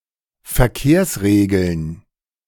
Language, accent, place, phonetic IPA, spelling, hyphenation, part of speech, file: German, Germany, Berlin, [fɛɐ̯ˈkeːɐ̯sʁeːɡl̩n], Verkehrsregeln, Ver‧kehrs‧re‧geln, noun, De-Verkehrsregeln.ogg
- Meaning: plural of Verkehrsregel